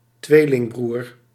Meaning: twin brother
- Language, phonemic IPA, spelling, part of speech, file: Dutch, /ˈtwelɪŋˌbrur/, tweelingbroer, noun, Nl-tweelingbroer.ogg